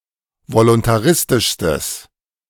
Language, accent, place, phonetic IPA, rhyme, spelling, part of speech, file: German, Germany, Berlin, [volʊntaˈʁɪstɪʃstəs], -ɪstɪʃstəs, voluntaristischstes, adjective, De-voluntaristischstes.ogg
- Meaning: strong/mixed nominative/accusative neuter singular superlative degree of voluntaristisch